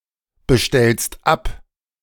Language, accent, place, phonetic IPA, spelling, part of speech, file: German, Germany, Berlin, [bəˌʃtɛlst ˈap], bestellst ab, verb, De-bestellst ab.ogg
- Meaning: second-person singular present of abbestellen